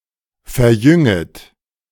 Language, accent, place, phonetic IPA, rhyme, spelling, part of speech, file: German, Germany, Berlin, [fɛɐ̯ˈjʏŋət], -ʏŋət, verjünget, verb, De-verjünget.ogg
- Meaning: second-person plural subjunctive I of verjüngen